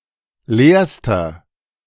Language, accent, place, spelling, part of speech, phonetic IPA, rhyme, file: German, Germany, Berlin, leerster, adjective, [ˈleːɐ̯stɐ], -eːɐ̯stɐ, De-leerster.ogg
- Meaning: inflection of leer: 1. strong/mixed nominative masculine singular superlative degree 2. strong genitive/dative feminine singular superlative degree 3. strong genitive plural superlative degree